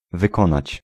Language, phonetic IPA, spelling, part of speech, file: Polish, [vɨˈkɔ̃nat͡ɕ], wykonać, verb, Pl-wykonać.ogg